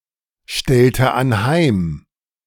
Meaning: inflection of anheimstellen: 1. first/third-person singular preterite 2. first/third-person singular subjunctive II
- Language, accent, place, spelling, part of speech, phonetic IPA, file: German, Germany, Berlin, stellte anheim, verb, [ˌʃtɛltə anˈhaɪ̯m], De-stellte anheim.ogg